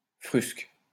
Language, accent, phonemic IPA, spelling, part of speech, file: French, France, /fʁysk/, frusques, noun, LL-Q150 (fra)-frusques.wav
- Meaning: clothes, especially poor quality ones